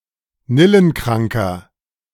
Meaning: inflection of nillenkrank: 1. strong/mixed nominative masculine singular 2. strong genitive/dative feminine singular 3. strong genitive plural
- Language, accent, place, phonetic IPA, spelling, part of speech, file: German, Germany, Berlin, [ˈnɪlənˌkʁaŋkɐ], nillenkranker, adjective, De-nillenkranker.ogg